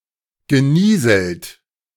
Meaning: past participle of nieseln
- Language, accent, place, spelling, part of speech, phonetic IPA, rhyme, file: German, Germany, Berlin, genieselt, verb, [ɡəˈniːzl̩t], -iːzl̩t, De-genieselt.ogg